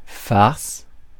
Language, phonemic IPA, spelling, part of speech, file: French, /faʁs/, farce, noun, Fr-farce.ogg
- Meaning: 1. stuffing 2. farce 3. prank, joke